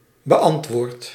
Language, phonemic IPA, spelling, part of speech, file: Dutch, /bə.ʔˈɑnt.ʋɔːrt/, beantwoord, verb, Nl-beantwoord.ogg
- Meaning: inflection of beantwoorden: 1. first-person singular present indicative 2. second-person singular present indicative 3. imperative